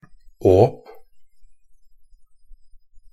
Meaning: an opening (in any sense that the word åpning has)
- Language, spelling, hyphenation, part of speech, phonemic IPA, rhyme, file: Norwegian Bokmål, åp, åp, noun, /oːp/, -oːp, Nb-åp.ogg